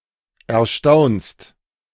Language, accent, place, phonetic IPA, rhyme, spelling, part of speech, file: German, Germany, Berlin, [ɛɐ̯ˈʃtaʊ̯nst], -aʊ̯nst, erstaunst, verb, De-erstaunst.ogg
- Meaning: second-person singular present of erstaunen